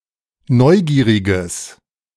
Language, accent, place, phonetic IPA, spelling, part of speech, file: German, Germany, Berlin, [ˈnɔɪ̯ˌɡiːʁɪɡəs], neugieriges, adjective, De-neugieriges.ogg
- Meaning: strong/mixed nominative/accusative neuter singular of neugierig